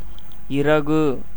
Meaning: feather, quill, plumage
- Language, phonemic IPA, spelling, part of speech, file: Tamil, /ɪrɐɡɯ/, இறகு, noun, Ta-இறகு.ogg